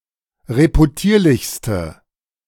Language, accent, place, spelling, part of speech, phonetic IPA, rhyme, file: German, Germany, Berlin, reputierlichste, adjective, [ʁepuˈtiːɐ̯lɪçstə], -iːɐ̯lɪçstə, De-reputierlichste.ogg
- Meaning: inflection of reputierlich: 1. strong/mixed nominative/accusative feminine singular superlative degree 2. strong nominative/accusative plural superlative degree